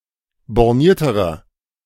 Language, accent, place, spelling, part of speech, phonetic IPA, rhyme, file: German, Germany, Berlin, bornierterer, adjective, [bɔʁˈniːɐ̯təʁɐ], -iːɐ̯təʁɐ, De-bornierterer.ogg
- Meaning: inflection of borniert: 1. strong/mixed nominative masculine singular comparative degree 2. strong genitive/dative feminine singular comparative degree 3. strong genitive plural comparative degree